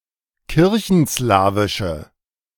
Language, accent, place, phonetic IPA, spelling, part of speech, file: German, Germany, Berlin, [ˈkɪʁçn̩ˌslaːvɪʃə], kirchenslawische, adjective, De-kirchenslawische.ogg
- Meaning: inflection of kirchenslawisch: 1. strong/mixed nominative/accusative feminine singular 2. strong nominative/accusative plural 3. weak nominative all-gender singular